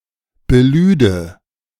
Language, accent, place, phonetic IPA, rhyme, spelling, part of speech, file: German, Germany, Berlin, [bəˈlyːdə], -yːdə, belüde, verb, De-belüde.ogg
- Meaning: first/third-person singular subjunctive II of beladen